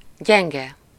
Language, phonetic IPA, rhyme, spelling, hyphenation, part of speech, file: Hungarian, [ˈɟɛŋɡɛ], -ɡɛ, gyenge, gyen‧ge, adjective / noun, Hu-gyenge.ogg
- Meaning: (adjective) weak; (noun) failing, weakness, defect, foible (especially something hard to resist or a mistake one is prone to make)